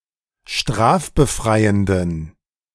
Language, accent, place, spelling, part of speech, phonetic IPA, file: German, Germany, Berlin, strafbefreienden, adjective, [ˈʃtʁaːfbəˌfʁaɪ̯əndn̩], De-strafbefreienden.ogg
- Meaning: inflection of strafbefreiend: 1. strong genitive masculine/neuter singular 2. weak/mixed genitive/dative all-gender singular 3. strong/weak/mixed accusative masculine singular 4. strong dative plural